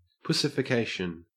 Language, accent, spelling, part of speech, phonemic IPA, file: English, Australia, pussification, noun, /pʊsɪfɪˈkeɪʃən/, En-au-pussification.ogg
- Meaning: The act or process of pussifying